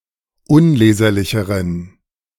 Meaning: inflection of unleserlich: 1. strong genitive masculine/neuter singular comparative degree 2. weak/mixed genitive/dative all-gender singular comparative degree
- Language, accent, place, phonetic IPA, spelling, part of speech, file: German, Germany, Berlin, [ˈʊnˌleːzɐlɪçəʁən], unleserlicheren, adjective, De-unleserlicheren.ogg